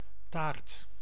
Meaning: 1. a pie, large cake, or cobbler 2. a hag, bag
- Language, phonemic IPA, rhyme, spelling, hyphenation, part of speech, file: Dutch, /taːrt/, -aːrt, taart, taart, noun, Nl-taart.ogg